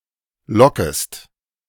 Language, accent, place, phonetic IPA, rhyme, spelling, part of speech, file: German, Germany, Berlin, [ˈlɔkəst], -ɔkəst, lockest, verb, De-lockest.ogg
- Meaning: second-person singular subjunctive I of locken